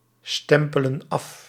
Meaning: inflection of afstempelen: 1. plural present indicative 2. plural present subjunctive
- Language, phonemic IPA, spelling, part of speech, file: Dutch, /ˈstɛmpələ(n) ˈɑf/, stempelen af, verb, Nl-stempelen af.ogg